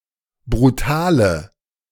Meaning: inflection of brutal: 1. strong/mixed nominative/accusative feminine singular 2. strong nominative/accusative plural 3. weak nominative all-gender singular 4. weak accusative feminine/neuter singular
- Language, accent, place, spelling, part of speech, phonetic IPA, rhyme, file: German, Germany, Berlin, brutale, adjective, [bʁuˈtaːlə], -aːlə, De-brutale.ogg